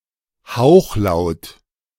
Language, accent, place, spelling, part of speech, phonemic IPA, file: German, Germany, Berlin, Hauchlaut, noun, /ˈhaʊ̯xlaʊ̯t/, De-Hauchlaut.ogg
- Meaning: voiceless glottal fricative; the sound denoted by [h] in the International Phonetic Alphabet